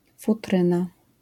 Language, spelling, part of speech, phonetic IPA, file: Polish, futryna, noun, [fuˈtrɨ̃na], LL-Q809 (pol)-futryna.wav